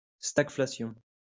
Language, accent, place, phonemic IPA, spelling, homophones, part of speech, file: French, France, Lyon, /staɡ.fla.sjɔ̃/, stagflation, stagflations, noun, LL-Q150 (fra)-stagflation.wav
- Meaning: stagflation